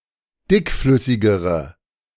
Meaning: inflection of dickflüssig: 1. strong/mixed nominative/accusative feminine singular comparative degree 2. strong nominative/accusative plural comparative degree
- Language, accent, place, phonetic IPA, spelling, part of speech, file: German, Germany, Berlin, [ˈdɪkˌflʏsɪɡəʁə], dickflüssigere, adjective, De-dickflüssigere.ogg